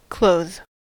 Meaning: 1. To adorn or cover with clothing; to dress; to supply clothes or clothing 2. To cover or invest, as if with a garment
- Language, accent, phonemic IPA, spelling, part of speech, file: English, US, /ˈkloʊð/, clothe, verb, En-us-clothe.ogg